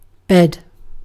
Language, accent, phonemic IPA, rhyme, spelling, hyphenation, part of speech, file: English, UK, /bɛd/, -ɛd, bed, bed, noun / verb, En-uk-bed.ogg
- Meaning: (noun) 1. A piece of furniture, usually flat and soft, on which to rest or sleep 2. A piece of furniture, usually flat and soft, on which to rest or sleep.: A mattress